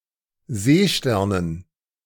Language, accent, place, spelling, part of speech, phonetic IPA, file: German, Germany, Berlin, Seesternen, noun, [ˈzeːˌʃtɛʁnən], De-Seesternen.ogg
- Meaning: dative plural of Seestern